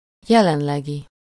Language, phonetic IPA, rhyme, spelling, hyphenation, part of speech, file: Hungarian, [ˈjɛlɛnlɛɡi], -ɡi, jelenlegi, je‧len‧le‧gi, adjective, Hu-jelenlegi.ogg
- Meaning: current (existing or occurring at the moment)